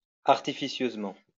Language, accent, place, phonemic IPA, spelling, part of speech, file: French, France, Lyon, /aʁ.ti.fi.sjøz.mɑ̃/, artificieusement, adverb, LL-Q150 (fra)-artificieusement.wav
- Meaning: 1. artfully, deceitfully 2. slyly